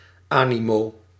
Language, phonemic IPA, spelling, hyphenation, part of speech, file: Dutch, /ˈaː.niˌmoː/, animo, ani‧mo, noun, Nl-animo.ogg
- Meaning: desire, interest in doing something